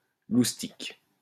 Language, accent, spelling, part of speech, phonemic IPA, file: French, France, loustic, noun, /lus.tik/, LL-Q150 (fra)-loustic.wav
- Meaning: wag, joker